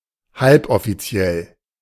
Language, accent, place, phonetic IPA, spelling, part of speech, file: German, Germany, Berlin, [ˈhalpʔɔfiˌt͡si̯ɛl], halboffiziell, adjective, De-halboffiziell.ogg
- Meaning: semi-official